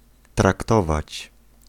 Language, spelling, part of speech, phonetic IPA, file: Polish, traktować, verb, [trakˈtɔvat͡ɕ], Pl-traktować.ogg